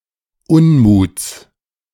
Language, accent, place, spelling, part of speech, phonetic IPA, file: German, Germany, Berlin, Unmuts, noun, [ˈʊnˌmuːt͡s], De-Unmuts.ogg
- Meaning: genitive singular of Unmut